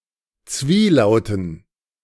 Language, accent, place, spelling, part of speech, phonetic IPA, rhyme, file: German, Germany, Berlin, Zwielauten, noun, [ˈt͡sviːˌlaʊ̯tn̩], -iːlaʊ̯tn̩, De-Zwielauten.ogg
- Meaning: dative plural of Zwielaut